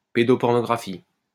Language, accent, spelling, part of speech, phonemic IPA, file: French, France, pédopornographie, noun, /pe.dɔ.pɔʁ.nɔ.ɡʁa.fi/, LL-Q150 (fra)-pédopornographie.wav
- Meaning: child pornography